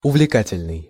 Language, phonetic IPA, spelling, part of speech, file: Russian, [ʊvlʲɪˈkatʲɪlʲnɨj], увлекательный, adjective, Ru-увлекательный.ogg
- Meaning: fascinating, engrossing, enthralling, exciting, intriguing, absorbing